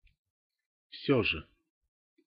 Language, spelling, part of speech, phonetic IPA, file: Russian, всё же, adverb, [ˈfsʲɵ‿ʐɨ], Ru-всё же.ogg
- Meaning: nevertheless, still, yet, however, that said